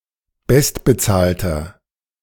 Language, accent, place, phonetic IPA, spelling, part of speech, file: German, Germany, Berlin, [ˈbɛstbəˌt͡saːltɐ], bestbezahlter, adjective, De-bestbezahlter.ogg
- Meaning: inflection of bestbezahlt: 1. strong/mixed nominative masculine singular 2. strong genitive/dative feminine singular 3. strong genitive plural